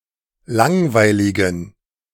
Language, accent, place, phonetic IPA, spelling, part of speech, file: German, Germany, Berlin, [ˈlaŋvaɪ̯lɪɡn̩], langweiligen, adjective, De-langweiligen.ogg
- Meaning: inflection of langweilig: 1. strong genitive masculine/neuter singular 2. weak/mixed genitive/dative all-gender singular 3. strong/weak/mixed accusative masculine singular 4. strong dative plural